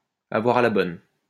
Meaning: to be well-disposed towards, to look kindly on, to have a soft spot for, to like
- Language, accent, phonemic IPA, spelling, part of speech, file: French, France, /a.vwa.ʁ‿a la bɔn/, avoir à la bonne, verb, LL-Q150 (fra)-avoir à la bonne.wav